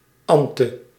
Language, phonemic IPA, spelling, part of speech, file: Dutch, /ˈɑn.tə/, -ante, suffix, Nl--ante.ogg
- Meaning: appended to the stem of a verb, it yields a noun which signifies a female subject who performs the action of that verb (see agent noun)